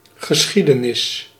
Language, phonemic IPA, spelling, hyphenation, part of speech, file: Dutch, /ɣəˈsxi.də.nɪs/, geschiedenis, ge‧schie‧de‧nis, noun, Nl-geschiedenis.ogg
- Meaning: 1. history (that which happened in the past, especially insofar as it is relevant for later times) 2. history, historical science (the scientific study thereof) 3. event, happening